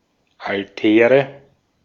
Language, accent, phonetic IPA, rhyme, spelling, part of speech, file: German, Austria, [alˈtɛːʁə], -ɛːʁə, Altäre, noun, De-at-Altäre.ogg
- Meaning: nominative/accusative/genitive plural of Altar